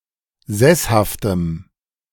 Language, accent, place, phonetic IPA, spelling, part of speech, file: German, Germany, Berlin, [ˈzɛshaftəm], sesshaftem, adjective, De-sesshaftem.ogg
- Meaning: strong dative masculine/neuter singular of sesshaft